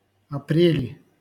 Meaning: nominative/accusative plural of апре́ль (aprélʹ)
- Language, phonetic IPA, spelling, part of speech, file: Russian, [ɐˈprʲelʲɪ], апрели, noun, LL-Q7737 (rus)-апрели.wav